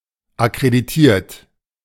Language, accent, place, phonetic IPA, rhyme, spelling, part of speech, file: German, Germany, Berlin, [akʁediˈtiːɐ̯t], -iːɐ̯t, akkreditiert, verb, De-akkreditiert.ogg
- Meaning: 1. past participle of akkreditieren 2. inflection of akkreditieren: third-person singular present 3. inflection of akkreditieren: second-person plural present